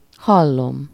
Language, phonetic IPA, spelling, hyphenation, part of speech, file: Hungarian, [ˈhɒlːom], hallom, hal‧lom, verb / noun, Hu-hallom.ogg
- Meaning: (verb) first-person singular indicative present definite of hall; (noun) first-person singular single-possession possessive of hall